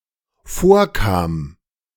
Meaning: first/third-person singular dependent preterite of vorkommen
- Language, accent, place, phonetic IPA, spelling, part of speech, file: German, Germany, Berlin, [ˈfoːɐ̯ˌkaːm], vorkam, verb, De-vorkam.ogg